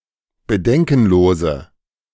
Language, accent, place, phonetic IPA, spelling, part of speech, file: German, Germany, Berlin, [bəˈdɛŋkn̩ˌloːzə], bedenkenlose, adjective, De-bedenkenlose.ogg
- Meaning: inflection of bedenkenlos: 1. strong/mixed nominative/accusative feminine singular 2. strong nominative/accusative plural 3. weak nominative all-gender singular